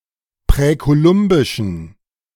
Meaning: inflection of präkolumbisch: 1. strong genitive masculine/neuter singular 2. weak/mixed genitive/dative all-gender singular 3. strong/weak/mixed accusative masculine singular 4. strong dative plural
- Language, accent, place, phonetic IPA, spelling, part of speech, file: German, Germany, Berlin, [pʁɛkoˈlʊmbɪʃn̩], präkolumbischen, adjective, De-präkolumbischen.ogg